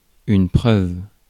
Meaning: evidence, proof
- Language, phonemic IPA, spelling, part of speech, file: French, /pʁœv/, preuve, noun, Fr-preuve.ogg